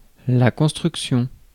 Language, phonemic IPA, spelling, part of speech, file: French, /kɔ̃s.tʁyk.sjɔ̃/, construction, noun, Fr-construction.ogg
- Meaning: construction